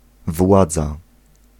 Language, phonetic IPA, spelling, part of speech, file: Polish, [ˈvwad͡za], władza, noun, Pl-władza.ogg